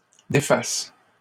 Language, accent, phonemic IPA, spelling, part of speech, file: French, Canada, /de.fas/, défasses, verb, LL-Q150 (fra)-défasses.wav
- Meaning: second-person singular present subjunctive of défaire